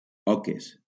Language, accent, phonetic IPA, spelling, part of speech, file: Catalan, Valencia, [ˈɔ.kes], oques, noun, LL-Q7026 (cat)-oques.wav
- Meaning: plural of oca